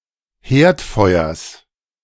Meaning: genitive singular of Herdfeuer
- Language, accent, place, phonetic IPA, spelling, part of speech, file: German, Germany, Berlin, [ˈheːɐ̯tˌfɔɪ̯ɐs], Herdfeuers, noun, De-Herdfeuers.ogg